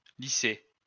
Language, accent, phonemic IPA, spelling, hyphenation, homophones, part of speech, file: French, France, /li.se/, lycées, ly‧cées, lycée, noun, LL-Q150 (fra)-lycées.wav
- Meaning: plural of lycée